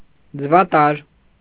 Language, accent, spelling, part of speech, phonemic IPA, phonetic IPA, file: Armenian, Eastern Armenian, ձվատար, noun, /d͡zəvɑˈtɑɾ/, [d͡zəvɑtɑ́ɾ], Hy-ձվատար.ogg
- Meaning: oviduct